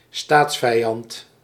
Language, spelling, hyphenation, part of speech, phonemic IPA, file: Dutch, staatsvijand, staats‧vij‧and, noun, /ˈstaːts.fɛi̯ˌɑnt/, Nl-staatsvijand.ogg
- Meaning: enemy of the state